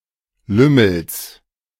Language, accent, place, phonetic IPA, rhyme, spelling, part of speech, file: German, Germany, Berlin, [ˈlʏml̩s], -ʏml̩s, Lümmels, noun, De-Lümmels.ogg
- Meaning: genitive of Lümmel